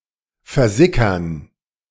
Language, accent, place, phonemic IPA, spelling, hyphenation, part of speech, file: German, Germany, Berlin, /fɛɐ̯ˈzɪkɐn/, versickern, ver‧si‧ckern, verb, De-versickern.ogg
- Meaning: 1. to seep in, to seep away 2. to disappear slowly, to wane away slowly